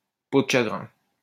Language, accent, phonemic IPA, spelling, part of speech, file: French, France, /po d(ə) ʃa.ɡʁɛ̃/, peau de chagrin, noun, LL-Q150 (fra)-peau de chagrin.wav
- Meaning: shagreen